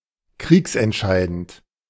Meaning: critical to the outcome of a war
- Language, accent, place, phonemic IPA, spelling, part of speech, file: German, Germany, Berlin, /ˈkʁiːksɛntˌʃaɪ̯dənt/, kriegsentscheidend, adjective, De-kriegsentscheidend.ogg